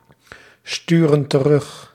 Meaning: inflection of terugsturen: 1. plural present indicative 2. plural present subjunctive
- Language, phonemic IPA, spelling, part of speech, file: Dutch, /ˈstyrə(n) t(ə)ˈrʏx/, sturen terug, verb, Nl-sturen terug.ogg